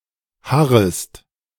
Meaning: second-person singular subjunctive I of harren
- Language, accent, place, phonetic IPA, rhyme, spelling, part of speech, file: German, Germany, Berlin, [ˈhaʁəst], -aʁəst, harrest, verb, De-harrest.ogg